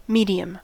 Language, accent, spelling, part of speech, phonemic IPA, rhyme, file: English, US, medium, noun / adjective / adverb, /ˈmiː.di.əm/, -iːdiəm, En-us-medium.ogg
- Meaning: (noun) The material of the surrounding environment, e.g. solid, liquid, gas, vacuum, or a specific substance such as a solvent